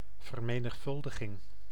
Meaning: multiplication
- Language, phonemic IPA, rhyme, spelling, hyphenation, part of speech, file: Dutch, /vər.meː.nəxˈfʏl.də.ɣɪŋ/, -ʏldəɣɪŋ, vermenigvuldiging, ver‧me‧nig‧vul‧di‧ging, noun, Nl-vermenigvuldiging.ogg